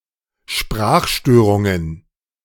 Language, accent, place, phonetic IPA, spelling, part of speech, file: German, Germany, Berlin, [ˈʃpʁaːxˌʃtøːʁʊŋən], Sprachstörungen, noun, De-Sprachstörungen.ogg
- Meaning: plural of Sprachstörung